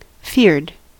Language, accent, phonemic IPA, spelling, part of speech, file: English, US, /fɪɹd/, feared, adjective / verb, En-us-feared.ogg
- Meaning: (adjective) 1. Pertaining to someone or thing that causes great fear in others 2. Regarded with fear, respect, or reverence 3. Frightened, afraid; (verb) simple past and past participle of fear